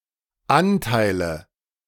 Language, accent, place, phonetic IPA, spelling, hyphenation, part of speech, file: German, Germany, Berlin, [ˈanˌtaɪ̯lə], Anteile, An‧tei‧le, noun, De-Anteile.ogg
- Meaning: nominative/accusative/genitive plural of Anteil